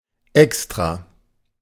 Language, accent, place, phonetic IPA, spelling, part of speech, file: German, Germany, Berlin, [ˈɛkstʁa], extra-, prefix, De-extra-.ogg
- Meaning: extra-